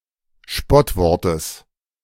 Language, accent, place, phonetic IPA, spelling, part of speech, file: German, Germany, Berlin, [ˈʃpɔtˌvɔʁtəs], Spottwortes, noun, De-Spottwortes.ogg
- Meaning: genitive singular of Spottwort